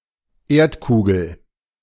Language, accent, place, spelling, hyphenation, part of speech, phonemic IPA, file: German, Germany, Berlin, Erdkugel, Erd‧ku‧gel, noun, /ˈeːɐ̯tˌkuːɡl̩/, De-Erdkugel.ogg
- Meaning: globe